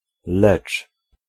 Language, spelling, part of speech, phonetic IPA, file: Polish, lecz, conjunction / verb, [lɛt͡ʃ], Pl-lecz.ogg